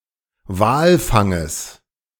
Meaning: genitive singular of Walfang
- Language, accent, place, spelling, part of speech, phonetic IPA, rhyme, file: German, Germany, Berlin, Walfanges, noun, [ˈvaːlˌfaŋəs], -aːlfaŋəs, De-Walfanges.ogg